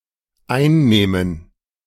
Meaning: first/third-person plural dependent subjunctive II of einnehmen
- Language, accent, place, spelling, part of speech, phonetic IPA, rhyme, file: German, Germany, Berlin, einnähmen, verb, [ˈaɪ̯nˌnɛːmən], -aɪ̯nnɛːmən, De-einnähmen.ogg